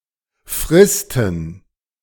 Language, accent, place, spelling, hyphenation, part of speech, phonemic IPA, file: German, Germany, Berlin, fristen, fris‧ten, verb, /ˈfʁɪstn̩/, De-fristen.ogg
- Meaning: to keep alive